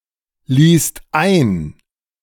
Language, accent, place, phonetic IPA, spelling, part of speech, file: German, Germany, Berlin, [ˌliːst ˈaɪ̯n], liest ein, verb, De-liest ein.ogg
- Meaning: second/third-person singular present of einlesen